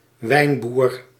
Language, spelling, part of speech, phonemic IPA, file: Dutch, wijnboer, noun, /ˈʋɛi̯n.buːr/, Nl-wijnboer.ogg
- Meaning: owner of a vineyard